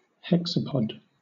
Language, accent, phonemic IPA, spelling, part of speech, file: English, Southern England, /ˈhɛk.sə.pɒd/, hexapod, noun / adjective, LL-Q1860 (eng)-hexapod.wav
- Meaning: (noun) 1. Any organism, being or robot with six legs 2. An arthropod with six feet; a member of subphylum Hexapoda 3. An insect